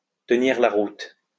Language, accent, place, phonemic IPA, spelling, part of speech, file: French, France, Lyon, /tə.niʁ la ʁut/, tenir la route, verb, LL-Q150 (fra)-tenir la route.wav
- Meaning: 1. to hold the road 2. to hold water, to be valid, to make sense